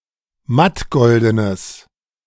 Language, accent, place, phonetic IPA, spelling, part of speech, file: German, Germany, Berlin, [ˈmatˌɡɔldənəs], mattgoldenes, adjective, De-mattgoldenes.ogg
- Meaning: strong/mixed nominative/accusative neuter singular of mattgolden